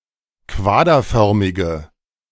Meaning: inflection of quaderförmig: 1. strong/mixed nominative/accusative feminine singular 2. strong nominative/accusative plural 3. weak nominative all-gender singular
- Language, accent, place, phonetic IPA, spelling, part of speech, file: German, Germany, Berlin, [ˈkvaːdɐˌfœʁmɪɡə], quaderförmige, adjective, De-quaderförmige.ogg